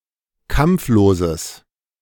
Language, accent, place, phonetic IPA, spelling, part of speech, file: German, Germany, Berlin, [ˈkamp͡floːzəs], kampfloses, adjective, De-kampfloses.ogg
- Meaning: strong/mixed nominative/accusative neuter singular of kampflos